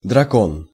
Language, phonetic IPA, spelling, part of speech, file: Russian, [d(ə)rɐˈkon], дракон, noun, Ru-дракон.ogg
- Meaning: dragon (mythical creature)